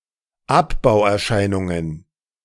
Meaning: plural of Abbauerscheinung
- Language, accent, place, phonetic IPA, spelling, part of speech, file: German, Germany, Berlin, [ˈapbaʊ̯ʔɛɐ̯ˌʃaɪ̯nʊŋən], Abbauerscheinungen, noun, De-Abbauerscheinungen.ogg